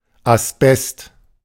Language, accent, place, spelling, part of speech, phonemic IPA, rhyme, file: German, Germany, Berlin, Asbest, noun, /asˈbɛst/, -ɛst, De-Asbest.ogg
- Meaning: asbestos